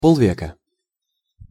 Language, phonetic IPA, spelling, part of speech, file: Russian, [ˌpoɫˈvʲekə], полвека, noun, Ru-полвека.ogg
- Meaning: half a century